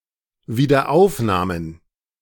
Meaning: plural of Wiederaufnahme
- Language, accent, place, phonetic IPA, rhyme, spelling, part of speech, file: German, Germany, Berlin, [viːdɐˈʔaʊ̯fnaːmən], -aʊ̯fnaːmən, Wiederaufnahmen, noun, De-Wiederaufnahmen.ogg